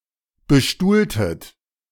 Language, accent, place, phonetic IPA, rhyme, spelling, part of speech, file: German, Germany, Berlin, [bəˈʃtuːltət], -uːltət, bestuhltet, verb, De-bestuhltet.ogg
- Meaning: inflection of bestuhlen: 1. second-person plural preterite 2. second-person plural subjunctive II